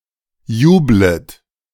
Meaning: second-person plural subjunctive I of jubeln
- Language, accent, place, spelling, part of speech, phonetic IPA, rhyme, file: German, Germany, Berlin, jublet, verb, [ˈjuːblət], -uːblət, De-jublet.ogg